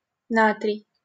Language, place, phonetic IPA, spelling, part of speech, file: Russian, Saint Petersburg, [ˈnatrʲɪj], натрий, noun, LL-Q7737 (rus)-натрий.wav
- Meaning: sodium